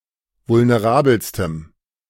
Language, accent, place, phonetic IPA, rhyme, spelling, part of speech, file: German, Germany, Berlin, [vʊlneˈʁaːbl̩stəm], -aːbl̩stəm, vulnerabelstem, adjective, De-vulnerabelstem.ogg
- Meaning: strong dative masculine/neuter singular superlative degree of vulnerabel